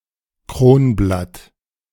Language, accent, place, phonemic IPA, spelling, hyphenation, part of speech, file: German, Germany, Berlin, /ˈkroːnˌblat/, Kronblatt, Kron‧blatt, noun, De-Kronblatt.ogg
- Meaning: petal